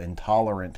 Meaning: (adjective) 1. Unable or indisposed to tolerate, endure or bear 2. Unable to digest food or be given substances of a certain composition without adverse effects
- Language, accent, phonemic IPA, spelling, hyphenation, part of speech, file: English, US, /ɪnˈtɑləɹənt/, intolerant, in‧tol‧er‧ant, adjective / noun, En-us-intolerant.ogg